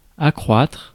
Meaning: 1. to increase 2. to increase, to grow
- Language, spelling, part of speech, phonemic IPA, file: French, accroître, verb, /a.kʁwatʁ/, Fr-accroître.ogg